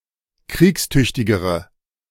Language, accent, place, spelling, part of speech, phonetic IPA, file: German, Germany, Berlin, kriegstüchtigere, adjective, [ˈkʁiːksˌtʏçtɪɡəʁə], De-kriegstüchtigere.ogg
- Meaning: inflection of kriegstüchtig: 1. strong/mixed nominative/accusative feminine singular comparative degree 2. strong nominative/accusative plural comparative degree